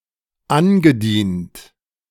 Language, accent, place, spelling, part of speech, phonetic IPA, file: German, Germany, Berlin, angedient, verb, [ˈanɡəˌdiːnt], De-angedient.ogg
- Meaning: past participle of andienen